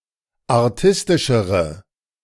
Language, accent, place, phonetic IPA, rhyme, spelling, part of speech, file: German, Germany, Berlin, [aʁˈtɪstɪʃəʁə], -ɪstɪʃəʁə, artistischere, adjective, De-artistischere.ogg
- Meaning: inflection of artistisch: 1. strong/mixed nominative/accusative feminine singular comparative degree 2. strong nominative/accusative plural comparative degree